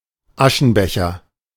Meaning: ashtray
- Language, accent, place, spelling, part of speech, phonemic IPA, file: German, Germany, Berlin, Aschenbecher, noun, /ˈaʃənˌbɛçər/, De-Aschenbecher.ogg